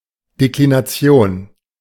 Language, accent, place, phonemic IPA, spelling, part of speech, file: German, Germany, Berlin, /deklinaˈt͡sjoːn/, Deklination, noun, De-Deklination.ogg
- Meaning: 1. declension 2. declination